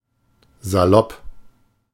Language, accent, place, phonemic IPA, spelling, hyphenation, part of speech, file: German, Germany, Berlin, /zaˈlɔp/, salopp, sa‧lopp, adjective, De-salopp.ogg
- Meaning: very casual, informal, possibly to the degree of being sloppy, rakish, flippant